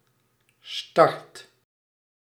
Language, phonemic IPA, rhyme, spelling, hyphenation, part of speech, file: Dutch, /stɑrt/, -ɑrt, start, start, noun / verb, Nl-start.ogg
- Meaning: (noun) start; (verb) inflection of starten: 1. first/second/third-person singular present indicative 2. imperative